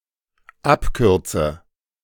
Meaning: inflection of abkürzen: 1. first-person singular dependent present 2. first/third-person singular dependent subjunctive I
- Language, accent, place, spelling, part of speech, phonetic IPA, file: German, Germany, Berlin, abkürze, verb, [ˈapˌkʏʁt͡sə], De-abkürze.ogg